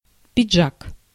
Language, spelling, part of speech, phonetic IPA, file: Russian, пиджак, noun, [pʲɪd͡ʐˈʐak], Ru-пиджак.ogg
- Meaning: 1. coat, jacket (suit jacket for men) 2. sports jacket, sport jacket, sports coat, sport coat, lounge jacket